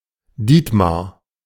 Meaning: a male given name from Old High German
- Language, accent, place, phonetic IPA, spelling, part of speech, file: German, Germany, Berlin, [ˈdiːtmaʁ], Dietmar, proper noun, De-Dietmar.ogg